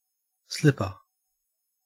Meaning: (noun) 1. A low soft shoe that can be slipped on and off easily 2. A low soft shoe intended for indoor use; a bedroom slipper or house slipper 3. A flip-flop (type of rubber sandal)
- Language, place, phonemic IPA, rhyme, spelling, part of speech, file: English, Queensland, /ˈslɪpə(ɹ)/, -ɪpə(ɹ), slipper, noun / adjective / verb, En-au-slipper.ogg